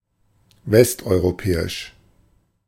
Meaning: Western European
- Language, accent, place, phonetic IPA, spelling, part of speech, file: German, Germany, Berlin, [ˈvɛstʔɔɪ̯ʁoˌpɛːɪʃ], westeuropäisch, adjective, De-westeuropäisch.ogg